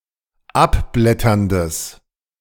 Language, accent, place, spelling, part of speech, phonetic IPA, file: German, Germany, Berlin, abblätterndes, adjective, [ˈapˌblɛtɐndəs], De-abblätterndes.ogg
- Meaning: strong/mixed nominative/accusative neuter singular of abblätternd